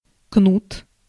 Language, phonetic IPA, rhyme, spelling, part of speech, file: Russian, [knut], -ut, кнут, noun, Ru-кнут.ogg
- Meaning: whip, knout, scourge